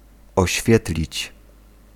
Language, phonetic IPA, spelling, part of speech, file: Polish, [ɔɕˈfʲjɛtlʲit͡ɕ], oświetlić, verb, Pl-oświetlić.ogg